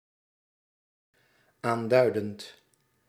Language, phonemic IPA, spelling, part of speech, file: Dutch, /ˈandœydənt/, aanduidend, verb, Nl-aanduidend.ogg
- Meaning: present participle of aanduiden